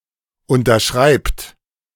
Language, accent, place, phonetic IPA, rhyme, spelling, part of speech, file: German, Germany, Berlin, [ˌʊntɐˈʃʁaɪ̯pt], -aɪ̯pt, unterschreibt, verb, De-unterschreibt.ogg
- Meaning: inflection of unterschreiben: 1. third-person singular present 2. second-person plural present 3. plural imperative